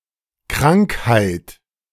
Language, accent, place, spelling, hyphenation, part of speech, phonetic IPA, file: German, Germany, Berlin, Krankheit, Krank‧heit, noun, [ˈkʁaŋkˌhaɪ̯t], De-Krankheit.ogg
- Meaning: 1. sickness, illness 2. disease